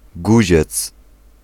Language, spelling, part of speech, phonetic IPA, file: Polish, guziec, noun, [ˈɡuʑɛt͡s], Pl-guziec.ogg